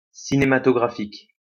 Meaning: cinematographic
- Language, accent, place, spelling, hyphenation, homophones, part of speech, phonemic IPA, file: French, France, Lyon, cinématographique, ci‧né‧ma‧to‧gra‧phique, cinématographiques, adjective, /si.ne.ma.tɔ.ɡʁa.fik/, LL-Q150 (fra)-cinématographique.wav